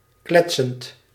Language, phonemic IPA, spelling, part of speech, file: Dutch, /ˈklɛtsənt/, kletsend, verb, Nl-kletsend.ogg
- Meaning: present participle of kletsen